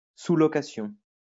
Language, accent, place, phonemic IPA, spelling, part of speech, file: French, France, Lyon, /su.lɔ.ka.sjɔ̃/, sous-location, noun, LL-Q150 (fra)-sous-location.wav
- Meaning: subletting